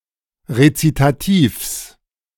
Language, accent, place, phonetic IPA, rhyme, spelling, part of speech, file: German, Germany, Berlin, [ʁet͡sitaˈtiːfs], -iːfs, Rezitativs, noun, De-Rezitativs.ogg
- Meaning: genitive singular of Rezitativ